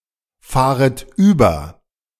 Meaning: second-person plural subjunctive I of überfahren
- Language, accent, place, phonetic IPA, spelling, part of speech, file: German, Germany, Berlin, [ˌfaːʁət ˈyːbɐ], fahret über, verb, De-fahret über.ogg